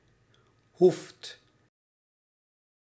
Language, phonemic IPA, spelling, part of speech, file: Dutch, /ɦuft/, hoeft, verb, Nl-hoeft.ogg
- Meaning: inflection of hoeven: 1. second/third-person singular present indicative 2. plural imperative